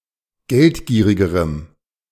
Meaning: strong dative masculine/neuter singular comparative degree of geldgierig
- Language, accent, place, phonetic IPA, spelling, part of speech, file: German, Germany, Berlin, [ˈɡɛltˌɡiːʁɪɡəʁəm], geldgierigerem, adjective, De-geldgierigerem.ogg